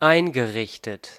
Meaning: past participle of einrichten
- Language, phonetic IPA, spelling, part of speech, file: German, [ˈaɪ̯nɡəˌʁɪçtət], eingerichtet, verb, De-eingerichtet.ogg